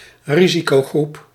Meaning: risk group, high-risk group
- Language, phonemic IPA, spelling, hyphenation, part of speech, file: Dutch, /ˈri.zi.koːˌɣrup/, risicogroep, ri‧si‧co‧groep, noun, Nl-risicogroep.ogg